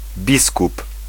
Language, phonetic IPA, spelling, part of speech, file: Polish, [ˈbʲiskup], biskup, noun, Pl-biskup.ogg